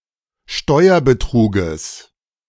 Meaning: genitive singular of Steuerbetrug
- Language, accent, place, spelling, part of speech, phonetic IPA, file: German, Germany, Berlin, Steuerbetruges, noun, [ˈʃtɔɪ̯ɐbəˌtʁuːɡəs], De-Steuerbetruges.ogg